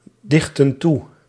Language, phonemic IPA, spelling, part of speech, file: Dutch, /ˈdɪxtə(n) ˈtu/, dichtten toe, verb, Nl-dichtten toe.ogg
- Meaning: inflection of toedichten: 1. plural past indicative 2. plural past subjunctive